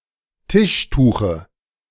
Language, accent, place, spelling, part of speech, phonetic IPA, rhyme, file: German, Germany, Berlin, Tischtuche, noun, [ˈtɪʃˌtuːxə], -ɪʃtuːxə, De-Tischtuche.ogg
- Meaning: dative of Tischtuch